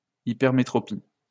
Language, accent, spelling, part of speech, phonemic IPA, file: French, France, hypermétropie, noun, /i.pɛʁ.me.tʁɔ.pi/, LL-Q150 (fra)-hypermétropie.wav
- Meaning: hypermetropia, longsightedness